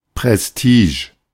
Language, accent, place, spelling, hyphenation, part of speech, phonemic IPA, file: German, Germany, Berlin, Prestige, Pres‧ti‧ge, noun, /pʁɛsˈtiːʃ/, De-Prestige.ogg
- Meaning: prestige